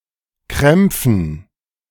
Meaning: dative plural of Krampf
- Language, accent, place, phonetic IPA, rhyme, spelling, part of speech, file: German, Germany, Berlin, [ˈkʁɛmp͡fn̩], -ɛmp͡fn̩, Krämpfen, noun, De-Krämpfen.ogg